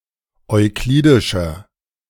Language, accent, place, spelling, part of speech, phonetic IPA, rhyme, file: German, Germany, Berlin, euklidischer, adjective, [ɔɪ̯ˈkliːdɪʃɐ], -iːdɪʃɐ, De-euklidischer.ogg
- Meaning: inflection of euklidisch: 1. strong/mixed nominative masculine singular 2. strong genitive/dative feminine singular 3. strong genitive plural